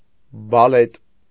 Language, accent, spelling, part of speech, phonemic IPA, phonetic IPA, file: Armenian, Eastern Armenian, բալետ, noun, /bɑˈlet/, [bɑlét], Hy-բալետ.ogg
- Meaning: ballet